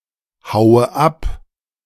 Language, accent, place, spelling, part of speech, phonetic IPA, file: German, Germany, Berlin, haue ab, verb, [ˌhaʊ̯ə ˈap], De-haue ab.ogg
- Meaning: inflection of abhauen: 1. first-person singular present 2. first/third-person singular subjunctive I 3. singular imperative